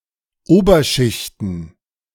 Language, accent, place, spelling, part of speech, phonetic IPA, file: German, Germany, Berlin, Oberschichten, noun, [ˈoːbɐˌʃɪçtn̩], De-Oberschichten.ogg
- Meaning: plural of Oberschicht